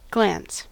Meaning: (verb) 1. To turn (one's eyes or look) at something, often briefly 2. To look briefly at (something) 3. To cause (light) to gleam or sparkle 4. To cause (something) to move obliquely
- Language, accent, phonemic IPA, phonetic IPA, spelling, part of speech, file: English, General American, /ɡlæns/, [ɡɫeəns], glance, verb / noun, En-us-glance.ogg